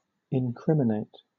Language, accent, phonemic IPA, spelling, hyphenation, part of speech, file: English, Southern England, /ɪnˈkɹɪm.ɪ.neɪ̯t/, incriminate, in‧crim‧i‧nate, verb, LL-Q1860 (eng)-incriminate.wav
- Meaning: 1. To accuse or bring criminal charges against 2. To indicate the guilt of